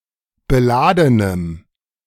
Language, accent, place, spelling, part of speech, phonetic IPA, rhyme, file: German, Germany, Berlin, beladenem, adjective, [bəˈlaːdənəm], -aːdənəm, De-beladenem.ogg
- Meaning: strong dative masculine/neuter singular of beladen